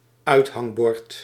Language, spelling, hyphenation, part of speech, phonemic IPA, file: Dutch, uithangbord, uit‧hang‧bord, noun, /ˈœy̯t.ɦɑŋˌbɔrt/, Nl-uithangbord.ogg
- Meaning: shop sign